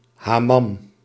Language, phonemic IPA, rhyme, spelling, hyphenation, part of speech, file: Dutch, /ɦɑˈmɑm/, -ɑm, hammam, ham‧mam, noun, Nl-hammam.ogg
- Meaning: alternative spelling of hamam